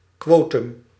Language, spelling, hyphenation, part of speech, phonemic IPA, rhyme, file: Dutch, quotum, quo‧tum, noun, /ˈkʋoː.tʏm/, -oːtʏm, Nl-quotum.ogg
- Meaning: quota, quotum